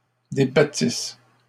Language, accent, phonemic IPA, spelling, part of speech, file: French, Canada, /de.ba.tis/, débattisse, verb, LL-Q150 (fra)-débattisse.wav
- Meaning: first-person singular imperfect subjunctive of débattre